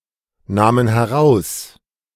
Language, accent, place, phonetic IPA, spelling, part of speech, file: German, Germany, Berlin, [ˌnaːmən hɛˈʁaʊ̯s], nahmen heraus, verb, De-nahmen heraus.ogg
- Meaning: first/third-person plural preterite of herausnehmen